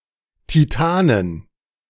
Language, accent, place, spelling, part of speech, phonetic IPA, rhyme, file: German, Germany, Berlin, Titanen, noun, [tiˈtaːnən], -aːnən, De-Titanen.ogg
- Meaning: inflection of Titan: 1. genitive/dative/accusative singular 2. all-case plural